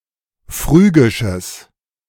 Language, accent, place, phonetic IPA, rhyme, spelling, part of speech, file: German, Germany, Berlin, [ˈfʁyːɡɪʃəs], -yːɡɪʃəs, phrygisches, adjective, De-phrygisches.ogg
- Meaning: strong/mixed nominative/accusative neuter singular of phrygisch